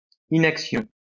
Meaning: inactivity
- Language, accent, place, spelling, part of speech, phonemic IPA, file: French, France, Lyon, inaction, noun, /i.nak.sjɔ̃/, LL-Q150 (fra)-inaction.wav